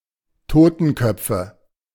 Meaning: nominative/accusative/genitive plural of Totenkopf
- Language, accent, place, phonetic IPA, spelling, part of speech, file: German, Germany, Berlin, [ˈtoːtn̩ˌkœp͡fə], Totenköpfe, noun, De-Totenköpfe.ogg